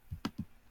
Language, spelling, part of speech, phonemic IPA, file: French, continuité, noun, /kɔ̃.ti.nɥi.te/, LL-Q150 (fra)-continuité.wav
- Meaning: continuity